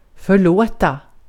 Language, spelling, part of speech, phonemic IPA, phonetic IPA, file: Swedish, förlåta, verb, /fœrˈloːta/, [fœ̞ˈɭoə̯t̪ä], Sv-förlåta.ogg
- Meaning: 1. to forgive 2. to abandon, to leave someone